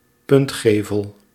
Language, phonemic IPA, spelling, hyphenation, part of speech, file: Dutch, /ˈpʏntˌxeː.vəl/, puntgevel, punt‧ge‧vel, noun, Nl-puntgevel.ogg
- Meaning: gable